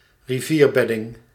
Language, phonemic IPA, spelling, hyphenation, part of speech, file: Dutch, /riˈviːrˌbɛ.dɪŋ/, rivierbedding, ri‧vier‧bed‧ding, noun, Nl-rivierbedding.ogg
- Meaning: riverbed, bed of a river